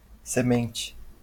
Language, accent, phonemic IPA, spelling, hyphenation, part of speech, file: Portuguese, Brazil, /seˈmẽ.t͡ʃi/, semente, se‧men‧te, noun, LL-Q5146 (por)-semente.wav
- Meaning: 1. seed 2. source, origin 3. seeder